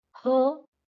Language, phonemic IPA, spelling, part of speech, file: Marathi, /ɦə/, ह, character, LL-Q1571 (mar)-ह.wav
- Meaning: The thirty-second consonant in Marathi